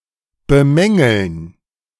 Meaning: to criticize, to find fault with
- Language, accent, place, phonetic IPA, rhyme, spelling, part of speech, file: German, Germany, Berlin, [bəˈmɛŋl̩n], -ɛŋl̩n, bemängeln, verb, De-bemängeln.ogg